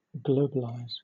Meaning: to make something global in scope, as: 1. To internationalize to a worldwide or near-worldwide degree 2. To generalize to a comprehensive or even exhaustive degree
- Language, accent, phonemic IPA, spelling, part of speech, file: English, Southern England, /ˈɡləʊ.bə.laɪz/, globalize, verb, LL-Q1860 (eng)-globalize.wav